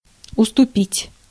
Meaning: 1. to cede, to let have 2. to yield 3. to be inferior to 4. to sell 5. to discount, to abate
- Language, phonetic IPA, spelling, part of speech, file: Russian, [ʊstʊˈpʲitʲ], уступить, verb, Ru-уступить.ogg